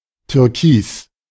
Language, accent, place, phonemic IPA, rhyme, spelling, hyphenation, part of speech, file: German, Germany, Berlin, /tʏʁˈkiːs/, -iːs, Türkis, Tür‧kis, noun, De-Türkis.ogg
- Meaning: turquoise (gemstone)